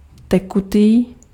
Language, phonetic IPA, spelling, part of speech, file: Czech, [ˈtɛkutiː], tekutý, adjective, Cs-tekutý.ogg
- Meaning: liquid